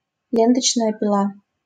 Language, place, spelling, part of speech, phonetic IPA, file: Russian, Saint Petersburg, ленточная пила, noun, [ˈlʲentət͡ɕnəjə pʲɪˈɫa], LL-Q7737 (rus)-ленточная пила.wav
- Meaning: band saw